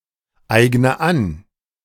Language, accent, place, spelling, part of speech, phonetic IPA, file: German, Germany, Berlin, eigne an, verb, [ˌaɪ̯ɡnə ˈan], De-eigne an.ogg
- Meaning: inflection of aneignen: 1. first-person singular present 2. first/third-person singular subjunctive I 3. singular imperative